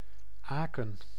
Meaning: Aachen, a city in Germany
- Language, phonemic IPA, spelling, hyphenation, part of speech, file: Dutch, /ˈaːkə(n)/, Aken, Aken, proper noun, Nl-Aken.ogg